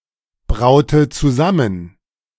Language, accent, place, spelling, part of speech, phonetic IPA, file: German, Germany, Berlin, braute zusammen, verb, [ˌbʁaʊ̯tə t͡suˈzamən], De-braute zusammen.ogg
- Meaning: inflection of zusammenbrauen: 1. first/third-person singular preterite 2. first/third-person singular subjunctive II